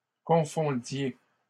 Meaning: inflection of confondre: 1. second-person plural imperfect indicative 2. second-person plural present subjunctive
- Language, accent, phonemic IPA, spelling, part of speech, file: French, Canada, /kɔ̃.fɔ̃.dje/, confondiez, verb, LL-Q150 (fra)-confondiez.wav